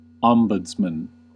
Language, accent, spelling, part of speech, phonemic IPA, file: English, US, ombudsman, noun, /ˈɑmbədzmən/, En-us-ombudsman.ogg
- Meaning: An appointed official whose duty is to investigate complaints, generally on behalf of individuals such as consumers or taxpayers, against institutions such as companies and government departments